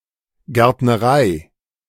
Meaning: 1. nursery 2. gardening
- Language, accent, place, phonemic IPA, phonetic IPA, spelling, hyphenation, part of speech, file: German, Germany, Berlin, /ɡɛrtnəˈraɪ̯/, [ɡɛɐ̯tnəˈʁaɪ̯], Gärtnerei, Gärt‧ne‧rei, noun, De-Gärtnerei.ogg